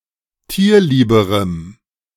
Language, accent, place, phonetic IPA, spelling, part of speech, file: German, Germany, Berlin, [ˈtiːɐ̯ˌliːbəʁəm], tierlieberem, adjective, De-tierlieberem.ogg
- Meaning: strong dative masculine/neuter singular comparative degree of tierlieb